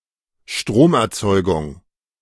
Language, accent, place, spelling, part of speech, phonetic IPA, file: German, Germany, Berlin, Stromerzeugung, noun, [ˈʃtʁomʔɛɐ̯ˌt͡sɔɪ̯ɡʊŋ], De-Stromerzeugung.ogg
- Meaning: power generation